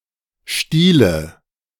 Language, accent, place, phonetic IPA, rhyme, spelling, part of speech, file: German, Germany, Berlin, [ˈʃtiːlə], -iːlə, Stiele, noun, De-Stiele.ogg
- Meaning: nominative/accusative/genitive plural of Stiel